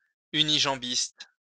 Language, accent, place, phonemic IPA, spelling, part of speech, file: French, France, Lyon, /y.ni.ʒɑ̃.bist/, unijambiste, noun, LL-Q150 (fra)-unijambiste.wav
- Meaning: a person with only one leg